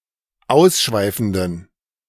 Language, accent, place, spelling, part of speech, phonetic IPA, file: German, Germany, Berlin, ausschweifenden, adjective, [ˈaʊ̯sˌʃvaɪ̯fn̩dən], De-ausschweifenden.ogg
- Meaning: inflection of ausschweifend: 1. strong genitive masculine/neuter singular 2. weak/mixed genitive/dative all-gender singular 3. strong/weak/mixed accusative masculine singular 4. strong dative plural